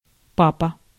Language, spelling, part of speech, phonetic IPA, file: Russian, папа, noun, [ˈpapə], Ru-папа.ogg
- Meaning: 1. dad, daddy 2. male socket